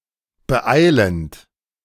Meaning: present participle of beeilen
- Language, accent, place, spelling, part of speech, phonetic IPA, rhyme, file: German, Germany, Berlin, beeilend, verb, [bəˈʔaɪ̯lənt], -aɪ̯lənt, De-beeilend.ogg